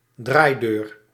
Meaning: revolving door
- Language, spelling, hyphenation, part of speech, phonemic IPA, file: Dutch, draaideur, draai‧deur, noun, /ˈdraːi̯.døːr/, Nl-draaideur.ogg